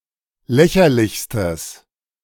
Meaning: strong/mixed nominative/accusative neuter singular superlative degree of lächerlich
- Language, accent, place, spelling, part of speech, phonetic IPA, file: German, Germany, Berlin, lächerlichstes, adjective, [ˈlɛçɐlɪçstəs], De-lächerlichstes.ogg